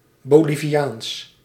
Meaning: Bolivian
- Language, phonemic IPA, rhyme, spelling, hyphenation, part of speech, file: Dutch, /ˌboːliviˈaːns/, -aːns, Boliviaans, Bo‧li‧vi‧aans, adjective, Nl-Boliviaans.ogg